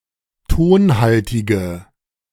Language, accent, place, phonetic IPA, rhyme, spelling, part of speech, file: German, Germany, Berlin, [ˈtoːnˌhaltɪɡə], -oːnhaltɪɡə, tonhaltige, adjective, De-tonhaltige.ogg
- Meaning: inflection of tonhaltig: 1. strong/mixed nominative/accusative feminine singular 2. strong nominative/accusative plural 3. weak nominative all-gender singular